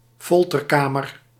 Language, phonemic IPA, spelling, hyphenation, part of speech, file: Dutch, /ˈfɔl.tərˌkaː.mər/, folterkamer, fol‧ter‧ka‧mer, noun, Nl-folterkamer.ogg
- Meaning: a torture chamber